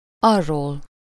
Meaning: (pronoun) delative singular of az; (adverb) from that direction, from that (distant) place
- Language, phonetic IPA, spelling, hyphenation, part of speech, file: Hungarian, [ˈɒrːoːl], arról, ar‧ról, pronoun / adverb, Hu-arról.ogg